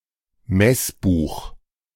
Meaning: missal
- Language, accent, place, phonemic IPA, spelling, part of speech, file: German, Germany, Berlin, /ˈmɛsˌbuːχ/, Messbuch, noun, De-Messbuch.ogg